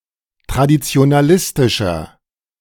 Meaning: 1. comparative degree of traditionalistisch 2. inflection of traditionalistisch: strong/mixed nominative masculine singular
- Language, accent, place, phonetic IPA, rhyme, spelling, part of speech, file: German, Germany, Berlin, [tʁadit͡si̯onaˈlɪstɪʃɐ], -ɪstɪʃɐ, traditionalistischer, adjective, De-traditionalistischer.ogg